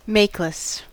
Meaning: 1. Matchless, without equal, peerless 2. Without a mate; widowed
- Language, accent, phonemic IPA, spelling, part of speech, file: English, US, /ˈmeɪkləs/, makeless, adjective, En-us-makeless.ogg